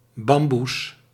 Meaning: 1. archaic form of bamboe 2. plural of bamboe
- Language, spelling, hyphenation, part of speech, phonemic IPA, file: Dutch, bamboes, bam‧boes, noun, /ˈbɑm.bus/, Nl-bamboes.ogg